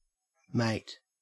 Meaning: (noun) 1. A fellow, comrade, colleague, partner or someone with whom something is shared, e.g. shipmate, classmate 2. A breeding partner 3. A friend, usually of the same sex
- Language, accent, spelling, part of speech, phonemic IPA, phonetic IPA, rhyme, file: English, Australia, mate, noun / verb, /meɪt/, [mæɪt], -eɪt, En-au-mate.ogg